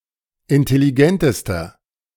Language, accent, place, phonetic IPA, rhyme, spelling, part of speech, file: German, Germany, Berlin, [ɪntɛliˈɡɛntəstɐ], -ɛntəstɐ, intelligentester, adjective, De-intelligentester.ogg
- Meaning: inflection of intelligent: 1. strong/mixed nominative masculine singular superlative degree 2. strong genitive/dative feminine singular superlative degree 3. strong genitive plural superlative degree